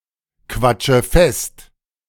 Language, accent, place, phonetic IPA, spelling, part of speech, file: German, Germany, Berlin, [ˌkvat͡ʃə ˈfɛst], quatsche fest, verb, De-quatsche fest.ogg
- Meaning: inflection of festquatschen: 1. first-person singular present 2. first/third-person singular subjunctive I 3. singular imperative